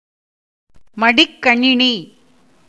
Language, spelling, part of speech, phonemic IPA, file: Tamil, மடிக்கணினி, noun, /mɐɖɪkːɐɳɪniː/, Ta-மடிக்கணினி.ogg
- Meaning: laptop, laptop computer